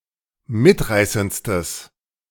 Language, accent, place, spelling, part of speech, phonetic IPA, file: German, Germany, Berlin, mitreißendstes, adjective, [ˈmɪtˌʁaɪ̯sənt͡stəs], De-mitreißendstes.ogg
- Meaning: strong/mixed nominative/accusative neuter singular superlative degree of mitreißend